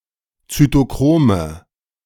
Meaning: nominative/accusative/genitive plural of Zytochrom
- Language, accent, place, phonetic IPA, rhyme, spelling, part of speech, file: German, Germany, Berlin, [t͡sytoˈkʁoːmə], -oːmə, Zytochrome, noun, De-Zytochrome.ogg